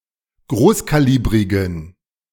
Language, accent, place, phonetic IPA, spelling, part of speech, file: German, Germany, Berlin, [ˈɡʁoːskaˌliːbʁɪɡn̩], großkalibrigen, adjective, De-großkalibrigen.ogg
- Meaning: inflection of großkalibrig: 1. strong genitive masculine/neuter singular 2. weak/mixed genitive/dative all-gender singular 3. strong/weak/mixed accusative masculine singular 4. strong dative plural